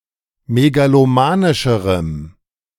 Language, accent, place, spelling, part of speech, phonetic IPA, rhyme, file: German, Germany, Berlin, megalomanischerem, adjective, [meɡaloˈmaːnɪʃəʁəm], -aːnɪʃəʁəm, De-megalomanischerem.ogg
- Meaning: strong dative masculine/neuter singular comparative degree of megalomanisch